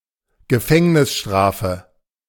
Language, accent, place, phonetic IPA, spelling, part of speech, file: German, Germany, Berlin, [ɡəˈfɛŋnɪsˌʃtʁaːfə], Gefängnisstrafe, noun, De-Gefängnisstrafe.ogg
- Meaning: prison sentence, imprisonment